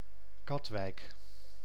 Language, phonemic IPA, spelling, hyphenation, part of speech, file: Dutch, /ˈkɑt.ʋɛi̯k/, Katwijk, Kat‧wijk, proper noun, Nl-Katwijk.ogg
- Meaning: 1. a municipality of South Holland, Netherlands 2. a village in Land van Cuijk, North Brabant, Netherlands